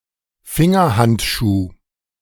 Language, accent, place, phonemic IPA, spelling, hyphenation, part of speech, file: German, Germany, Berlin, /ˈfɪŋɐˌhantʃuː/, Fingerhandschuh, Fin‧ger‧hand‧schuh, noun, De-Fingerhandschuh.ogg
- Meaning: glove (in the stricter sense, that is with separate compartments for each finger)